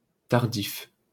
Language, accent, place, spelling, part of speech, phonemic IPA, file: French, France, Paris, tardif, adjective, /taʁ.dif/, LL-Q150 (fra)-tardif.wav
- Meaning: 1. late, belated 2. recent